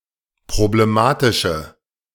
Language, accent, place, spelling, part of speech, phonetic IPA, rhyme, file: German, Germany, Berlin, problematische, adjective, [pʁobleˈmaːtɪʃə], -aːtɪʃə, De-problematische.ogg
- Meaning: inflection of problematisch: 1. strong/mixed nominative/accusative feminine singular 2. strong nominative/accusative plural 3. weak nominative all-gender singular